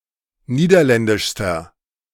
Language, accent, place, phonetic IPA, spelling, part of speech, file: German, Germany, Berlin, [ˈniːdɐˌlɛndɪʃstɐ], niederländischster, adjective, De-niederländischster.ogg
- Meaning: inflection of niederländisch: 1. strong/mixed nominative masculine singular superlative degree 2. strong genitive/dative feminine singular superlative degree